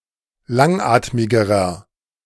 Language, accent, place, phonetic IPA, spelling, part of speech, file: German, Germany, Berlin, [ˈlaŋˌʔaːtmɪɡəʁɐ], langatmigerer, adjective, De-langatmigerer.ogg
- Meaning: inflection of langatmig: 1. strong/mixed nominative masculine singular comparative degree 2. strong genitive/dative feminine singular comparative degree 3. strong genitive plural comparative degree